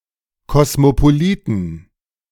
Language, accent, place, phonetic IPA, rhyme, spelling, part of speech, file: German, Germany, Berlin, [kɔsmopoˈliːtn̩], -iːtn̩, Kosmopoliten, noun, De-Kosmopoliten.ogg
- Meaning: plural of Kosmopolit